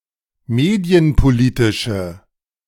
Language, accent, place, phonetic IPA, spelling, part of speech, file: German, Germany, Berlin, [ˈmeːdi̯ənpoˌliːtɪʃə], medienpolitische, adjective, De-medienpolitische.ogg
- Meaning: inflection of medienpolitisch: 1. strong/mixed nominative/accusative feminine singular 2. strong nominative/accusative plural 3. weak nominative all-gender singular